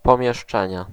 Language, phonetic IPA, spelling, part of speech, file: Polish, [ˌpɔ̃mʲjɛʃˈt͡ʃɛ̃ɲɛ], pomieszczenie, noun, Pl-pomieszczenie.ogg